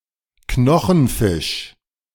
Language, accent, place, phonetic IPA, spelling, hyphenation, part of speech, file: German, Germany, Berlin, [ˈknɔxn̩ˌfɪʃ], Knochenfisch, Kno‧chen‧fisch, noun, De-Knochenfisch.ogg
- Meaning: bony fish